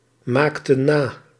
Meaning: inflection of namaken: 1. plural past indicative 2. plural past subjunctive
- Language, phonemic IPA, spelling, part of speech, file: Dutch, /ˈmaktə(n) ˈna/, maakten na, verb, Nl-maakten na.ogg